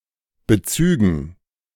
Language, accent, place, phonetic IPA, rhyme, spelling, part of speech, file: German, Germany, Berlin, [bəˈt͡syːɡn̩], -yːɡn̩, Bezügen, noun, De-Bezügen.ogg
- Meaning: dative plural of Bezug